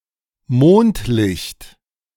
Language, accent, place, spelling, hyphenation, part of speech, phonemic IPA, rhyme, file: German, Germany, Berlin, Mondlicht, Mond‧licht, noun, /ˈmoːntˌlɪçt/, -ɪçt, De-Mondlicht.ogg
- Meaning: moonlight